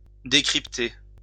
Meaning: to decrypt
- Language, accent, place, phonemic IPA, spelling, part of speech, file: French, France, Lyon, /de.kʁip.te/, décrypter, verb, LL-Q150 (fra)-décrypter.wav